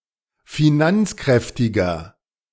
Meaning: 1. comparative degree of finanzkräftig 2. inflection of finanzkräftig: strong/mixed nominative masculine singular 3. inflection of finanzkräftig: strong genitive/dative feminine singular
- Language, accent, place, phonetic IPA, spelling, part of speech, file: German, Germany, Berlin, [fiˈnant͡sˌkʁɛftɪɡɐ], finanzkräftiger, adjective, De-finanzkräftiger.ogg